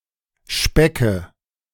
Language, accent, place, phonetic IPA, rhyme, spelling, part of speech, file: German, Germany, Berlin, [ˈʃpɛkə], -ɛkə, Specke, noun, De-Specke.ogg
- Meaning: nominative/accusative/genitive plural of Speck